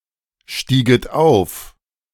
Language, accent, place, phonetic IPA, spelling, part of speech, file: German, Germany, Berlin, [ˌʃtiːɡət ˈaʊ̯f], stieget auf, verb, De-stieget auf.ogg
- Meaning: second-person plural subjunctive II of aufsteigen